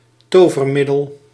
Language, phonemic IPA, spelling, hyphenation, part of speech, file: Dutch, /ˈtoː.vərˌmɪ.dəl/, tovermiddel, to‧ver‧mid‧del, noun, Nl-tovermiddel.ogg
- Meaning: 1. magical concoction or object 2. talisman, fetish 3. miracle cure, any cure with drastic good effects, also used of less than scientific folk medicine